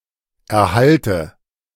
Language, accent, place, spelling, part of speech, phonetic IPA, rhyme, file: German, Germany, Berlin, Erhalte, noun, [ɛɐ̯ˈhaltə], -altə, De-Erhalte.ogg
- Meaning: nominative/accusative/genitive plural of Erhalt